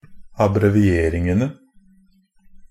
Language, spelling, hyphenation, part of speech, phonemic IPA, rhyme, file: Norwegian Bokmål, abbrevieringene, ab‧bre‧vi‧er‧ing‧en‧e, noun, /abrɛʋɪˈeːrɪŋənə/, -ənə, NB - Pronunciation of Norwegian Bokmål «abbrevieringene».ogg
- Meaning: definite plural of abbreviering